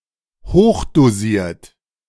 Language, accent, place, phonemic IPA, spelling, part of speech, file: German, Germany, Berlin, /ˈhoːχdoˌziːɐ̯t/, hochdosiert, adjective, De-hochdosiert.ogg
- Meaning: high-dosage